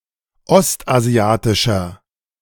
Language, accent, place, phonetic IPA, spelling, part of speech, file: German, Germany, Berlin, [ˈɔstʔaˌzi̯aːtɪʃɐ], ostasiatischer, adjective, De-ostasiatischer.ogg
- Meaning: inflection of ostasiatisch: 1. strong/mixed nominative masculine singular 2. strong genitive/dative feminine singular 3. strong genitive plural